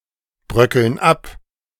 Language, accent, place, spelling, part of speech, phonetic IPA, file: German, Germany, Berlin, bröckeln ab, verb, [ˌbʁœkl̩n ˈap], De-bröckeln ab.ogg
- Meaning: inflection of abbröckeln: 1. first/third-person plural present 2. first/third-person plural subjunctive I